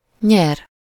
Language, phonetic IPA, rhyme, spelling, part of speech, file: Hungarian, [ˈɲɛr], -ɛr, nyer, verb, Hu-nyer.ogg
- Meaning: 1. to win 2. gain (acquire possession or advantage)